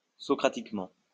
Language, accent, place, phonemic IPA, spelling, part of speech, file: French, France, Lyon, /sɔ.kʁa.tik.mɑ̃/, socratiquement, adverb, LL-Q150 (fra)-socratiquement.wav
- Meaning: Socratically